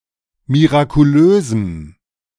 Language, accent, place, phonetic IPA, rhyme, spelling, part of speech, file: German, Germany, Berlin, [miʁakuˈløːzm̩], -øːzm̩, mirakulösem, adjective, De-mirakulösem.ogg
- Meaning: strong dative masculine/neuter singular of mirakulös